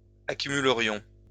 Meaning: first-person plural conditional of accumuler
- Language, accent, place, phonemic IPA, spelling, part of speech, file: French, France, Lyon, /a.ky.my.lə.ʁjɔ̃/, accumulerions, verb, LL-Q150 (fra)-accumulerions.wav